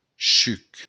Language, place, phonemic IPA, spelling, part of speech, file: Occitan, Béarn, /t͡ʃyk/, chuc, noun, LL-Q14185 (oci)-chuc.wav
- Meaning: juice (liquid produced by a fruit)